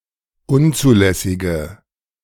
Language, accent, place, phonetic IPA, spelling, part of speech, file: German, Germany, Berlin, [ˈʊnt͡suːˌlɛsɪɡə], unzulässige, adjective, De-unzulässige.ogg
- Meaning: inflection of unzulässig: 1. strong/mixed nominative/accusative feminine singular 2. strong nominative/accusative plural 3. weak nominative all-gender singular